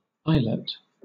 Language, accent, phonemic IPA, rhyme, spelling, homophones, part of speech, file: English, Southern England, /ˈaɪ.lət/, -aɪlət, islet, eyelet, noun, LL-Q1860 (eng)-islet.wav
- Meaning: 1. A small island 2. An isolated piece of tissue that has a specific function